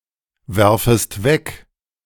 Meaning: second-person singular subjunctive I of wegwerfen
- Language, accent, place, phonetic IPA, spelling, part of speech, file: German, Germany, Berlin, [ˌvɛʁfəst ˈvɛk], werfest weg, verb, De-werfest weg.ogg